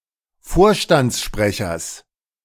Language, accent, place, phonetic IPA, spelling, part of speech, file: German, Germany, Berlin, [ˈfoːɐ̯ʃtant͡sˌʃpʁɛçɐs], Vorstandssprechers, noun, De-Vorstandssprechers.ogg
- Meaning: genitive singular of Vorstandssprecher